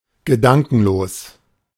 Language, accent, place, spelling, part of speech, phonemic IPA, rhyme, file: German, Germany, Berlin, gedankenlos, adjective, /ɡəˈdaŋkn̩loːs/, -aŋkn̩loːs, De-gedankenlos.ogg
- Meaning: thoughtless, unthinking